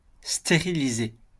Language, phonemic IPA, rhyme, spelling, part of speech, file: French, /ste.ʁi.li.ze/, -e, stériliser, verb, LL-Q150 (fra)-stériliser.wav
- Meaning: to sterilize